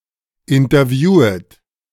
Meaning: second-person plural subjunctive I of interviewen
- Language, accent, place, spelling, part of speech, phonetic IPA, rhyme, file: German, Germany, Berlin, interviewet, verb, [ɪntɐˈvjuːət], -uːət, De-interviewet.ogg